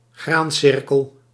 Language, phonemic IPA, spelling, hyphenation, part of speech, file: Dutch, /ˈɣraːnˌsɪr.kəl/, graancirkel, graan‧cir‧kel, noun, Nl-graancirkel.ogg
- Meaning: crop circle (geometric figure in crop fields)